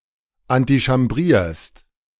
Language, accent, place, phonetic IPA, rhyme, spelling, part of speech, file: German, Germany, Berlin, [antiʃamˈbʁiːɐ̯st], -iːɐ̯st, antichambrierst, verb, De-antichambrierst.ogg
- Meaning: second-person singular present of antichambrieren